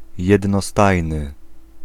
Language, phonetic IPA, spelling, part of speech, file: Polish, [ˌjɛdnɔˈstajnɨ], jednostajny, adjective, Pl-jednostajny.ogg